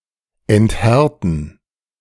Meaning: to soften
- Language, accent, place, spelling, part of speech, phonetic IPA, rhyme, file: German, Germany, Berlin, enthärten, verb, [ɛntˈhɛʁtn̩], -ɛʁtn̩, De-enthärten.ogg